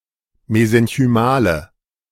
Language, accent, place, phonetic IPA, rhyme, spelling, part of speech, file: German, Germany, Berlin, [mezɛnçyˈmaːlə], -aːlə, mesenchymale, adjective, De-mesenchymale.ogg
- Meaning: inflection of mesenchymal: 1. strong/mixed nominative/accusative feminine singular 2. strong nominative/accusative plural 3. weak nominative all-gender singular